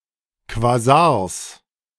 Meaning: genitive singular of Quasar
- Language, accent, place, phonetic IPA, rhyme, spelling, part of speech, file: German, Germany, Berlin, [kvaˈzaːɐ̯s], -aːɐ̯s, Quasars, noun, De-Quasars.ogg